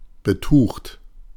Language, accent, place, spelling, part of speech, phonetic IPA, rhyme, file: German, Germany, Berlin, betucht, adjective, [bəˈtuːxt], -uːxt, De-betucht.ogg
- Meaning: well off